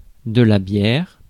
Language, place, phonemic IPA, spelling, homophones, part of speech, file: French, Paris, /bjɛʁ/, bière, Bière / bières, noun, Fr-bière.ogg
- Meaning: 1. beer 2. bier 3. coffin